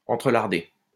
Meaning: past participle of entrelarder
- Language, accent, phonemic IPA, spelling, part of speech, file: French, France, /ɑ̃.tʁə.laʁ.de/, entrelardé, verb, LL-Q150 (fra)-entrelardé.wav